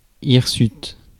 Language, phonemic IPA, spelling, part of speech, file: French, /iʁ.syt/, hirsute, adjective, Fr-hirsute.ogg
- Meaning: hairy, bristly, shaggy